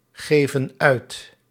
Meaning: inflection of uitgeven: 1. plural present indicative 2. plural present subjunctive
- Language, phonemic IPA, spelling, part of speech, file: Dutch, /ˈɣevə(n) ˈœyt/, geven uit, verb, Nl-geven uit.ogg